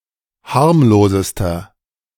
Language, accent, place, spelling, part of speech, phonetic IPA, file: German, Germany, Berlin, harmlosester, adjective, [ˈhaʁmloːzəstɐ], De-harmlosester.ogg
- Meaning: inflection of harmlos: 1. strong/mixed nominative masculine singular superlative degree 2. strong genitive/dative feminine singular superlative degree 3. strong genitive plural superlative degree